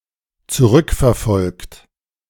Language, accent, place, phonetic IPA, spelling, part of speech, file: German, Germany, Berlin, [t͡suˈʁʏkfɛɐ̯ˌfɔlkt], zurückverfolgt, verb, De-zurückverfolgt.ogg
- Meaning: 1. past participle of zurückverfolgen 2. inflection of zurückverfolgen: third-person singular dependent present 3. inflection of zurückverfolgen: second-person plural dependent present